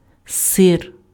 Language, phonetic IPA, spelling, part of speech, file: Ukrainian, [sɪr], сир, noun, Uk-сир.ogg
- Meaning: 1. cheese 2. cottage cheese, curd